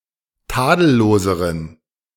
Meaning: inflection of tadellos: 1. strong genitive masculine/neuter singular comparative degree 2. weak/mixed genitive/dative all-gender singular comparative degree
- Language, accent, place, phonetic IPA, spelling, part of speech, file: German, Germany, Berlin, [ˈtaːdl̩ˌloːzəʁən], tadelloseren, adjective, De-tadelloseren.ogg